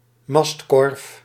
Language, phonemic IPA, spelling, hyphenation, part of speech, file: Dutch, /ˈmɑst.kɔrf/, mastkorf, mast‧korf, noun, Nl-mastkorf.ogg
- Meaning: crow's nest, cask or shelter at the top of a mast for a lookout